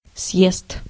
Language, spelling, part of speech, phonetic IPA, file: Russian, съезд, noun, [sjest], Ru-съезд.ogg
- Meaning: 1. descent 2. exit, ramp 3. congress, convention